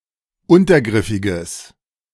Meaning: strong/mixed nominative/accusative neuter singular of untergriffig
- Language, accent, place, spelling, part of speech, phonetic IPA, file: German, Germany, Berlin, untergriffiges, adjective, [ˈʊntɐˌɡʁɪfɪɡəs], De-untergriffiges.ogg